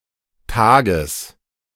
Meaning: genitive singular of Tag
- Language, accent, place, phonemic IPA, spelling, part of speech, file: German, Germany, Berlin, /ˈtaːɡəs/, Tages, noun, De-Tages.ogg